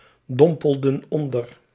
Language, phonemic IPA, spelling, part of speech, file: Dutch, /ˈdɔmpəldə(n) ˈɔndər/, dompelden onder, verb, Nl-dompelden onder.ogg
- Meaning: inflection of onderdompelen: 1. plural past indicative 2. plural past subjunctive